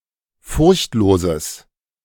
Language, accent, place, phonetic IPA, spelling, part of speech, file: German, Germany, Berlin, [ˈfʊʁçtˌloːzəs], furchtloses, adjective, De-furchtloses.ogg
- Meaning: strong/mixed nominative/accusative neuter singular of furchtlos